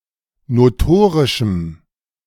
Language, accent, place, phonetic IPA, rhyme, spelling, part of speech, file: German, Germany, Berlin, [noˈtoːʁɪʃm̩], -oːʁɪʃm̩, notorischem, adjective, De-notorischem.ogg
- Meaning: strong dative masculine/neuter singular of notorisch